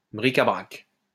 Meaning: 1. miscellaneous items, bric-a-brac 2. storeroom
- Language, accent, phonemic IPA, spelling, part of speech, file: French, France, /bʁi.ka.bʁak/, bric-à-brac, noun, LL-Q150 (fra)-bric-à-brac.wav